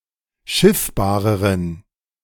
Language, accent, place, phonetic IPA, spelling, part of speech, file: German, Germany, Berlin, [ˈʃɪfbaːʁəʁən], schiffbareren, adjective, De-schiffbareren.ogg
- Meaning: inflection of schiffbar: 1. strong genitive masculine/neuter singular comparative degree 2. weak/mixed genitive/dative all-gender singular comparative degree